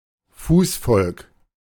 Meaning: 1. infantry 2. pedestrian 3. rank and file
- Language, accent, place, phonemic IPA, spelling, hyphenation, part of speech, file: German, Germany, Berlin, /ˈfuːsˌfɔlk/, Fußvolk, Fuß‧volk, noun, De-Fußvolk.ogg